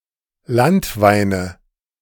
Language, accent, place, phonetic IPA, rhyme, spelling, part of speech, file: German, Germany, Berlin, [ˈlantˌvaɪ̯nə], -antvaɪ̯nə, Landweine, noun, De-Landweine.ogg
- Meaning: nominative/accusative/genitive plural of Landwein